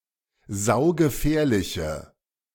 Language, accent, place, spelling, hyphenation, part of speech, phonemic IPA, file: German, Germany, Berlin, saugefährliche, sau‧ge‧fähr‧li‧che, adjective, /ˈzaʊ̯ɡəˌfɛːɐ̯lɪçə/, De-saugefährliche.ogg
- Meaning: inflection of saugefährlich: 1. strong/mixed nominative/accusative feminine singular 2. strong nominative/accusative plural 3. weak nominative all-gender singular